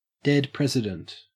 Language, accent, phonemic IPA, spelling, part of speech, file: English, Australia, /dɛd ˈpɹɛzɪdənt/, dead president, noun, En-au-dead president.ogg
- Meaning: 1. A piece of US paper currency 2. Used other than figuratively or idiomatically: see dead, president